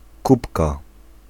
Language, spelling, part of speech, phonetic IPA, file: Polish, kupka, noun, [ˈkupka], Pl-kupka.ogg